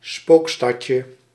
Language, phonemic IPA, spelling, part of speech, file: Dutch, /ˈspokstɑcə/, spookstadje, noun, Nl-spookstadje.ogg
- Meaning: diminutive of spookstad